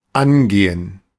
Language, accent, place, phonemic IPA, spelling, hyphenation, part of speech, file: German, Germany, Berlin, /ˈanˌɡeː(ə)n/, angehen, an‧ge‧hen, verb, De-angehen.ogg
- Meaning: 1. to concern, regard 2. to tackle (a problem); to start (a project); to enter into; to get to work 3. to turn on, start, be started